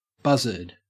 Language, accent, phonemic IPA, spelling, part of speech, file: English, Australia, /ˈbɐzəd/, buzzard, noun, En-au-buzzard.ogg
- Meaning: Any of several Old World birds of prey of the genus Buteo with broad wings and a broad tail